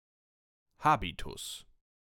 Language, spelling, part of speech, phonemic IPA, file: German, Habitus, noun, /ˈhaːbitʊs/, De-Habitus.ogg
- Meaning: 1. habitus, disposition, bearing 2. habit, appearance